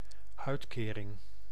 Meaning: 1. benefit, subsidy 2. social security 3. payment
- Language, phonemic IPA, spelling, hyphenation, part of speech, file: Dutch, /ˈœy̯tˌkeːrɪŋ/, uitkering, uit‧ke‧ring, noun, Nl-uitkering.ogg